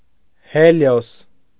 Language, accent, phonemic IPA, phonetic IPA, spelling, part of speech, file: Armenian, Eastern Armenian, /heˈljos/, [heljós], Հելիոս, proper noun, Hy-Հելիոս.ogg
- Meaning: Helios